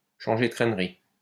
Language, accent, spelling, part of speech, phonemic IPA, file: French, France, changer de crèmerie, verb, /ʃɑ̃.ʒe də kʁɛm.ʁi/, LL-Q150 (fra)-changer de crèmerie.wav
- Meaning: alternative spelling of changer de crémerie